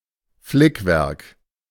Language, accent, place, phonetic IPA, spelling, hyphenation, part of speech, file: German, Germany, Berlin, [ˈflɪkvɛʁk], Flickwerk, Flick‧werk, noun, De-Flickwerk.ogg
- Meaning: patchwork